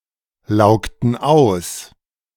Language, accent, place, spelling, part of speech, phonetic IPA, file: German, Germany, Berlin, laugten aus, verb, [ˌlaʊ̯ktn̩ ˈaʊ̯s], De-laugten aus.ogg
- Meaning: inflection of auslaugen: 1. first/third-person plural preterite 2. first/third-person plural subjunctive II